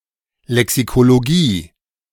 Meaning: lexicology (linguistic discipline)
- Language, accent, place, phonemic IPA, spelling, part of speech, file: German, Germany, Berlin, /lɛksikoloˈɡiː/, Lexikologie, noun, De-Lexikologie.ogg